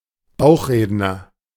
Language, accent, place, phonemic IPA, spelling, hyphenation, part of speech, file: German, Germany, Berlin, /ˈbaʊ̯χˌʁeːdnɐ/, Bauchredner, Bauch‧red‧ner, noun, De-Bauchredner.ogg
- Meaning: ventriloquist